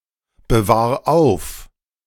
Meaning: 1. singular imperative of aufbewahren 2. first-person singular present of aufbewahren
- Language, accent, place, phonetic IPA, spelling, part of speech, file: German, Germany, Berlin, [bəˌvaːɐ̯ ˈaʊ̯f], bewahr auf, verb, De-bewahr auf.ogg